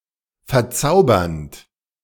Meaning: present participle of verzaubern
- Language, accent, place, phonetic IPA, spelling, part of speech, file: German, Germany, Berlin, [fɛɐ̯ˈt͡saʊ̯bɐnt], verzaubernd, verb, De-verzaubernd.ogg